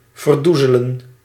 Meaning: to obscure (a fact), to cover up, to cloud
- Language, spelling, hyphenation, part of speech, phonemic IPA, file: Dutch, verdoezelen, ver‧doe‧ze‧len, verb, /vərˈdu.zə.lə(n)/, Nl-verdoezelen.ogg